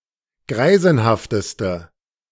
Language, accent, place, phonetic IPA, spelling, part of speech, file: German, Germany, Berlin, [ˈɡʁaɪ̯zn̩haftəstə], greisenhafteste, adjective, De-greisenhafteste.ogg
- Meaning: inflection of greisenhaft: 1. strong/mixed nominative/accusative feminine singular superlative degree 2. strong nominative/accusative plural superlative degree